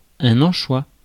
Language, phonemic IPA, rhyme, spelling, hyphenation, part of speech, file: French, /ɑ̃.ʃwa/, -a, anchois, an‧chois, noun, Fr-anchois.ogg
- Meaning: anchovy (small saltwater fish)